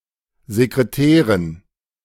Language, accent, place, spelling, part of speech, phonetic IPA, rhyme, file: German, Germany, Berlin, Sekretären, noun, [zekʁeˈtɛːʁən], -ɛːʁən, De-Sekretären.ogg
- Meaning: dative plural of Sekretär